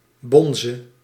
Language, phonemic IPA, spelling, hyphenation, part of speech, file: Dutch, /ˈbɔn.zə/, bonze, bon‧ze, noun / verb, Nl-bonze.ogg
- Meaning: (noun) 1. bonze (Buddhist priest) 2. boss, bigwig; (verb) singular present subjunctive of bonzen